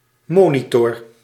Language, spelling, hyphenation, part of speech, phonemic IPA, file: Dutch, monitor, mo‧ni‧tor, noun, /ˈmoː.niˌtɔr/, Nl-monitor.ogg
- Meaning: 1. screen, display 2. speaker boxes for monitoring sound, on stage directed at musicians or aimed at a sound engineer in a studio 3. monitor (low-lying ironclad)